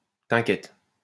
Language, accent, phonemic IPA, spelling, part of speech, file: French, France, /t‿ɛ̃.kjɛt/, tkt, phrase, LL-Q150 (fra)-tkt.wav
- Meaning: dw; don't worry